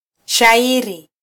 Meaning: poem (literary piece written in verse)
- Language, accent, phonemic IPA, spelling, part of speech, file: Swahili, Kenya, /ʃɑˈi.ɾi/, shairi, noun, Sw-ke-shairi.flac